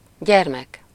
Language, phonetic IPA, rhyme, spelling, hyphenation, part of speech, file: Hungarian, [ˈɟɛrmɛk], -ɛk, gyermek, gyer‧mek, noun, Hu-gyermek.ogg
- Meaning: 1. child (one’s son or daughter, irrespective of age, or a young human being in general, irrespective of familial relation) 2. son